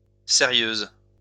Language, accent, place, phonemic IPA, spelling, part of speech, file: French, France, Lyon, /se.ʁjøz/, sérieuse, adjective, LL-Q150 (fra)-sérieuse.wav
- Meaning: feminine singular of sérieux